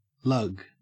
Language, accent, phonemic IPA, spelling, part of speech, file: English, Australia, /lɐɡ/, lug, noun / verb, En-au-lug.ogg
- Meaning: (noun) 1. The act of hauling or dragging 2. That which is hauled or dragged 3. Anything that moves slowly 4. A lug nut